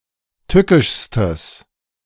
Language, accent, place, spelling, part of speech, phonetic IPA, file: German, Germany, Berlin, tückischstes, adjective, [ˈtʏkɪʃstəs], De-tückischstes.ogg
- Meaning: strong/mixed nominative/accusative neuter singular superlative degree of tückisch